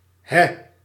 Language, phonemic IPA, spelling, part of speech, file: Dutch, /ɦɛ/, hè, interjection, Nl-hè.ogg
- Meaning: 1. huh; said when surprised or puzzled 2. ugh, aww; said when disappointed or annoyed 3. does it?, is it?, right?, eh?; creates a tag question